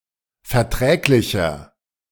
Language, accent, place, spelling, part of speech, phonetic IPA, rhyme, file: German, Germany, Berlin, verträglicher, adjective, [fɛɐ̯ˈtʁɛːklɪçɐ], -ɛːklɪçɐ, De-verträglicher.ogg
- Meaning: 1. comparative degree of verträglich 2. inflection of verträglich: strong/mixed nominative masculine singular 3. inflection of verträglich: strong genitive/dative feminine singular